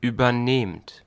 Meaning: inflection of übernehmen: 1. second-person plural present 2. plural imperative
- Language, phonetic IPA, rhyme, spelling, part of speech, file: German, [yːbɐˈneːmt], -eːmt, übernehmt, verb, De-übernehmt.ogg